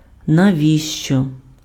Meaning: why, what for, to what end
- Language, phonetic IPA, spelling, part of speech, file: Ukrainian, [nɐˈʋʲiʃt͡ʃɔ], навіщо, adverb, Uk-навіщо.ogg